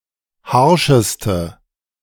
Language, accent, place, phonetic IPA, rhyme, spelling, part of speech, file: German, Germany, Berlin, [ˈhaʁʃəstə], -aʁʃəstə, harscheste, adjective, De-harscheste.ogg
- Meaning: inflection of harsch: 1. strong/mixed nominative/accusative feminine singular superlative degree 2. strong nominative/accusative plural superlative degree